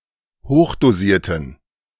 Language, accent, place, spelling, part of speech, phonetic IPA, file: German, Germany, Berlin, hochdosierten, adjective, [ˈhoːxdoˌziːɐ̯tən], De-hochdosierten.ogg
- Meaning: inflection of hochdosiert: 1. strong genitive masculine/neuter singular 2. weak/mixed genitive/dative all-gender singular 3. strong/weak/mixed accusative masculine singular 4. strong dative plural